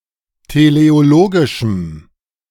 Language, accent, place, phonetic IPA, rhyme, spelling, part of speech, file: German, Germany, Berlin, [teleoˈloːɡɪʃm̩], -oːɡɪʃm̩, teleologischem, adjective, De-teleologischem.ogg
- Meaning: strong dative masculine/neuter singular of teleologisch